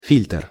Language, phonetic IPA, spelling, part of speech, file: Russian, [fʲilʲtr], фильтр, noun, Ru-фильтр.ogg
- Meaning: filter (device for separating impurities from a fluid or other substance)